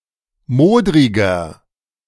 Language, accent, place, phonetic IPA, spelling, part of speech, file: German, Germany, Berlin, [ˈmoːdʁɪɡɐ], modriger, adjective, De-modriger.ogg
- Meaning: 1. comparative degree of modrig 2. inflection of modrig: strong/mixed nominative masculine singular 3. inflection of modrig: strong genitive/dative feminine singular